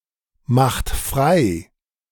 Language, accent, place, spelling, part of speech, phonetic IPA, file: German, Germany, Berlin, macht frei, verb, [ˌmaxt ˈfʁaɪ̯], De-macht frei.ogg
- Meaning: inflection of freimachen: 1. third-person singular present 2. second-person plural present 3. plural imperative